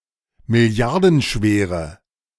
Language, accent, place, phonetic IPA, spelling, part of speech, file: German, Germany, Berlin, [mɪˈli̯aʁdn̩ˌʃveːʁə], milliardenschwere, adjective, De-milliardenschwere.ogg
- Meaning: inflection of milliardenschwer: 1. strong/mixed nominative/accusative feminine singular 2. strong nominative/accusative plural 3. weak nominative all-gender singular